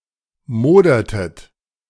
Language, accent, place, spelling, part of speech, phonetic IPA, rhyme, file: German, Germany, Berlin, modertet, verb, [ˈmoːdɐtət], -oːdɐtət, De-modertet.ogg
- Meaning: inflection of modern: 1. second-person plural preterite 2. second-person plural subjunctive II